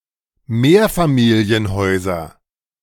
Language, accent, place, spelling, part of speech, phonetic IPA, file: German, Germany, Berlin, Mehrfamilienhäuser, noun, [ˈmeːɐ̯famiːli̯ənˌhɔɪ̯zɐ], De-Mehrfamilienhäuser.ogg
- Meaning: nominative/accusative/genitive plural of Mehrfamilienhaus